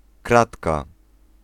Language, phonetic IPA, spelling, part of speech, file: Polish, [ˈkratka], kratka, noun, Pl-kratka.ogg